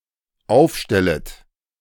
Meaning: second-person plural dependent subjunctive I of aufstellen
- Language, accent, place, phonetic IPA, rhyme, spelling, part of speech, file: German, Germany, Berlin, [ˈaʊ̯fˌʃtɛlət], -aʊ̯fʃtɛlət, aufstellet, verb, De-aufstellet.ogg